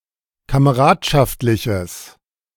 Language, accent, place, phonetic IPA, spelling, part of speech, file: German, Germany, Berlin, [kaməˈʁaːtʃaftlɪçəs], kameradschaftliches, adjective, De-kameradschaftliches.ogg
- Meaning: strong/mixed nominative/accusative neuter singular of kameradschaftlich